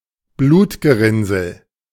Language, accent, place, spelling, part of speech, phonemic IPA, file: German, Germany, Berlin, Blutgerinnsel, noun, /ˈbluːtɡəˌʁɪnzl̩/, De-Blutgerinnsel.ogg
- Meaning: blood clot